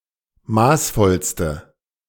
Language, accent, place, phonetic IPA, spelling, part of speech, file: German, Germany, Berlin, [ˈmaːsˌfɔlstə], maßvollste, adjective, De-maßvollste.ogg
- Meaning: inflection of maßvoll: 1. strong/mixed nominative/accusative feminine singular superlative degree 2. strong nominative/accusative plural superlative degree